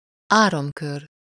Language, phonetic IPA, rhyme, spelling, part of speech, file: Hungarian, [ˈaːrɒmkør], -ør, áramkör, noun, Hu-áramkör.ogg
- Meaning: circuit (enclosed path of an electric current)